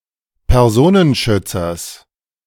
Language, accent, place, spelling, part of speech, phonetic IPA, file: German, Germany, Berlin, Personenschützers, noun, [pɛʁˈzoːnənˌʃʏt͡sɐs], De-Personenschützers.ogg
- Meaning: genitive singular of Personenschützer